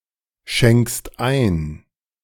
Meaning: second-person singular present of einschenken
- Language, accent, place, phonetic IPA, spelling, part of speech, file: German, Germany, Berlin, [ˌʃɛŋkst ˈaɪ̯n], schenkst ein, verb, De-schenkst ein.ogg